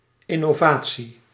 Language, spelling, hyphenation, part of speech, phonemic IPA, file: Dutch, innovatie, in‧no‧va‧tie, noun, /ˌɪ.noːˈvaː.(t)si/, Nl-innovatie.ogg
- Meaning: innovation